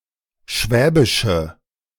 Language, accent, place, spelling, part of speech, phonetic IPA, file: German, Germany, Berlin, schwäbische, adjective, [ˈʃvɛːbɪʃə], De-schwäbische.ogg
- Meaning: inflection of schwäbisch: 1. strong/mixed nominative/accusative feminine singular 2. strong nominative/accusative plural 3. weak nominative all-gender singular